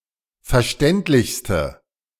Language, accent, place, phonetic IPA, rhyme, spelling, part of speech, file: German, Germany, Berlin, [fɛɐ̯ˈʃtɛntlɪçstə], -ɛntlɪçstə, verständlichste, adjective, De-verständlichste.ogg
- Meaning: inflection of verständlich: 1. strong/mixed nominative/accusative feminine singular superlative degree 2. strong nominative/accusative plural superlative degree